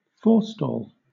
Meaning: 1. An ambush; plot; an interception; waylaying; rescue 2. Something situated or placed in front
- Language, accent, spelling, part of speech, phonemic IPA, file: English, Southern England, forestall, noun, /ˈfɔː(ɹ).stɔːl/, LL-Q1860 (eng)-forestall.wav